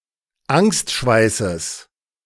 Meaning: genitive of Angstschweiß
- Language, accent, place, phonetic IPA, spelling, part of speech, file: German, Germany, Berlin, [ˈaŋstˌʃvaɪ̯səs], Angstschweißes, noun, De-Angstschweißes.ogg